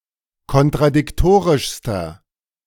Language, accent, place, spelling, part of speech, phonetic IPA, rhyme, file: German, Germany, Berlin, kontradiktorischster, adjective, [kɔntʁadɪkˈtoːʁɪʃstɐ], -oːʁɪʃstɐ, De-kontradiktorischster.ogg
- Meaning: inflection of kontradiktorisch: 1. strong/mixed nominative masculine singular superlative degree 2. strong genitive/dative feminine singular superlative degree